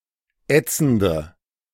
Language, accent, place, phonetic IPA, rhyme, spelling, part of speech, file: German, Germany, Berlin, [ˈɛt͡sn̩də], -ɛt͡sn̩də, ätzende, adjective, De-ätzende.ogg
- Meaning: inflection of ätzend: 1. strong/mixed nominative/accusative feminine singular 2. strong nominative/accusative plural 3. weak nominative all-gender singular 4. weak accusative feminine/neuter singular